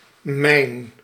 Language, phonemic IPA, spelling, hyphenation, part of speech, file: Dutch, /mɛi̯n/, mijn, mijn, determiner / noun, Nl-mijn.ogg
- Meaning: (determiner) my; first-person singular possessive determiner; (noun) 1. mine (place where ore is taken out of the ground) 2. mine (device meant to explode when stepped upon or touched)